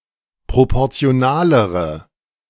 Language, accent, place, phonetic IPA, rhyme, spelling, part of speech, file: German, Germany, Berlin, [ˌpʁopɔʁt͡si̯oˈnaːləʁə], -aːləʁə, proportionalere, adjective, De-proportionalere.ogg
- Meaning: inflection of proportional: 1. strong/mixed nominative/accusative feminine singular comparative degree 2. strong nominative/accusative plural comparative degree